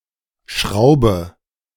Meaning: inflection of schrauben: 1. first-person singular present 2. singular imperative 3. first/third-person singular subjunctive I
- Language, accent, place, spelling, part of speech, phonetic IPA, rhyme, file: German, Germany, Berlin, schraube, verb, [ˈʃʁaʊ̯bə], -aʊ̯bə, De-schraube.ogg